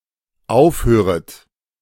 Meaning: second-person plural dependent subjunctive I of aufhören
- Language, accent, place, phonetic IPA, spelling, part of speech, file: German, Germany, Berlin, [ˈaʊ̯fˌhøːʁət], aufhöret, verb, De-aufhöret.ogg